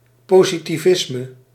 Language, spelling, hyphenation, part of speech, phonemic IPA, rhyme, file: Dutch, positivisme, po‧si‧ti‧vis‧me, noun, /ˌpoː.zi.tiˈvɪs.mə/, -ɪsmə, Nl-positivisme.ogg
- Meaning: 1. positivism 2. positivity